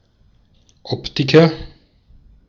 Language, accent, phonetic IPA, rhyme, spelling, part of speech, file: German, Austria, [ˈɔptɪkɐ], -ɔptɪkɐ, Optiker, noun, De-at-Optiker.ogg
- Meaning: optician (male or of unspecified gender)